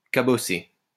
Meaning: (verb) past participle of cabosser; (adjective) 1. dented 2. battered
- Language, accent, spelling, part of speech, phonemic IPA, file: French, France, cabossé, verb / adjective, /ka.bɔ.se/, LL-Q150 (fra)-cabossé.wav